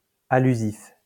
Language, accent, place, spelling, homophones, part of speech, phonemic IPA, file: French, France, Lyon, allusif, allusifs, adjective, /a.ly.zif/, LL-Q150 (fra)-allusif.wav
- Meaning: allusive